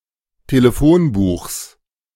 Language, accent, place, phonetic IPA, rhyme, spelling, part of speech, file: German, Germany, Berlin, [teləˈfoːnˌbuːxs], -oːnbuːxs, Telefonbuchs, noun, De-Telefonbuchs.ogg
- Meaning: genitive singular of Telefonbuch